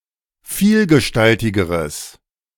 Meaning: strong/mixed nominative/accusative neuter singular comparative degree of vielgestaltig
- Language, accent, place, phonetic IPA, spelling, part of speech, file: German, Germany, Berlin, [ˈfiːlɡəˌʃtaltɪɡəʁəs], vielgestaltigeres, adjective, De-vielgestaltigeres.ogg